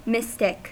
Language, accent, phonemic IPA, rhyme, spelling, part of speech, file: English, US, /ˈmɪstɪk/, -ɪstɪk, mystic, adjective / noun, En-us-mystic.ogg
- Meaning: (adjective) 1. Of, or relating to mystics, mysticism or occult mysteries; mystical 2. Mysterious and strange; arcane, obscure or enigmatic; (noun) Someone who practices mysticism